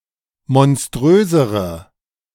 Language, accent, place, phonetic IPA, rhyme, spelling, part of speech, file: German, Germany, Berlin, [mɔnˈstʁøːzəʁə], -øːzəʁə, monströsere, adjective, De-monströsere.ogg
- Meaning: inflection of monströs: 1. strong/mixed nominative/accusative feminine singular comparative degree 2. strong nominative/accusative plural comparative degree